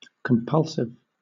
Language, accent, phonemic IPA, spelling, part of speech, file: English, Southern England, /kəmˈpʌlsɪv/, compulsive, adjective / noun, LL-Q1860 (eng)-compulsive.wav
- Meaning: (adjective) 1. Uncontrolled or reactive and irresistible 2. Having power to compel; exercising or applying compulsion; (noun) One who exhibits compulsive behaviours